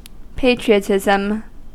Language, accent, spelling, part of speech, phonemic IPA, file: English, US, patriotism, noun, /ˈpeɪtɹi.əˌtɪzəm/, En-us-patriotism.ogg
- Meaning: 1. Love of one's country; devotion to the welfare of one's compatriots; passion which inspires one to serve one's country 2. The actions of a patriot